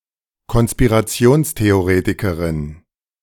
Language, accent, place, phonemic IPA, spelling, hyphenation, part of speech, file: German, Germany, Berlin, /kɔn.spi.ʁaˈt͡si̯oːns.te.oˌʁeː.ti.kə.ʁɪn/, Konspirationstheoretikerin, Kon‧spi‧ra‧ti‧ons‧the‧o‧re‧ti‧ke‧rin, noun, De-Konspirationstheoretikerin.ogg
- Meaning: female equivalent of Konspirationstheoretiker